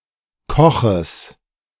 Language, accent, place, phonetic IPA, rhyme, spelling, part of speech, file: German, Germany, Berlin, [ˈkɔxəs], -ɔxəs, Koches, noun, De-Koches.ogg
- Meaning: genitive of Koch